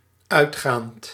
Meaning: present participle of uitgaan
- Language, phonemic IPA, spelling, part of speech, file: Dutch, /ˈœytxant/, uitgaand, verb / adjective, Nl-uitgaand.ogg